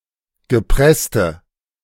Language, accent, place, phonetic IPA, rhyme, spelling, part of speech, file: German, Germany, Berlin, [ɡəˈpʁɛstə], -ɛstə, gepresste, adjective, De-gepresste.ogg
- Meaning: inflection of gepresst: 1. strong/mixed nominative/accusative feminine singular 2. strong nominative/accusative plural 3. weak nominative all-gender singular